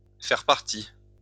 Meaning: to be part
- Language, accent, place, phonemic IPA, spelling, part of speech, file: French, France, Lyon, /fɛʁ paʁ.ti/, faire partie, verb, LL-Q150 (fra)-faire partie.wav